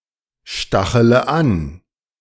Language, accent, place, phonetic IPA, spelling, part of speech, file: German, Germany, Berlin, [ˌʃtaxələ ˈan], stachele an, verb, De-stachele an.ogg
- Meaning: inflection of anstacheln: 1. first-person singular present 2. first/third-person singular subjunctive I 3. singular imperative